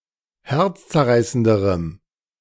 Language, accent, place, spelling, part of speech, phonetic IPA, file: German, Germany, Berlin, herzzerreißenderem, adjective, [ˈhɛʁt͡st͡sɛɐ̯ˌʁaɪ̯səndəʁəm], De-herzzerreißenderem.ogg
- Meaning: strong dative masculine/neuter singular comparative degree of herzzerreißend